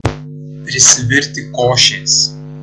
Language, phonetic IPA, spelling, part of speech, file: Lithuanian, [prʲɪsʲɪˈvʲɪrʲ tʲɪ ˈkoːʃʲeːs], prisivirti košės, phrase, Lt-prisivirti košės.ogg